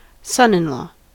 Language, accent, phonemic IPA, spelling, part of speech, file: English, US, /ˈsʌnɪnˌlɔː/, son-in-law, noun, En-us-son-in-law.ogg
- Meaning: The husband of one's child